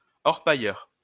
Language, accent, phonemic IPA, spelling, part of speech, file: French, France, /ɔʁ.pa.jœʁ/, orpailleur, noun, LL-Q150 (fra)-orpailleur.wav
- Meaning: gold prospector, gold panner, one who pans for gold